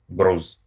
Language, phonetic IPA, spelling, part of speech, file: Russian, [ɡrus], груз, noun, Ru-груз.ogg
- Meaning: 1. weight, load 2. burden 3. weight, counterweight 4. cargo, freight, lading